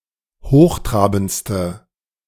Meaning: inflection of hochtrabend: 1. strong/mixed nominative/accusative feminine singular superlative degree 2. strong nominative/accusative plural superlative degree
- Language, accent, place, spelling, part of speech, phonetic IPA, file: German, Germany, Berlin, hochtrabendste, adjective, [ˈhoːxˌtʁaːbn̩t͡stə], De-hochtrabendste.ogg